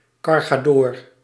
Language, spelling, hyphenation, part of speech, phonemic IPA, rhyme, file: Dutch, cargadoor, car‧ga‧door, noun, /ˌkɑr.ɣaːˈdoːr/, -oːr, Nl-cargadoor.ogg
- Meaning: an agent who looks after the logistics of loading cargo into a ship, usually in the role an intermediate between the ship's exploiter and the owner/transporter of the cargo